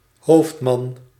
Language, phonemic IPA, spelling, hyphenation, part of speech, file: Dutch, /ˈɦoːft.mɑn/, hoofdman, hoofd‧man, noun, Nl-hoofdman.ogg
- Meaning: chief, leader, ringleader